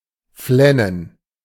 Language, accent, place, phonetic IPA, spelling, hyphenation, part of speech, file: German, Germany, Berlin, [ˈflɛnən], flennen, flen‧nen, verb, De-flennen.ogg
- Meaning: to cry (noisily)